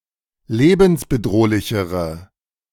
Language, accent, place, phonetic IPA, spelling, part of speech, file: German, Germany, Berlin, [ˈleːbn̩sbəˌdʁoːlɪçəʁə], lebensbedrohlichere, adjective, De-lebensbedrohlichere.ogg
- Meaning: inflection of lebensbedrohlich: 1. strong/mixed nominative/accusative feminine singular comparative degree 2. strong nominative/accusative plural comparative degree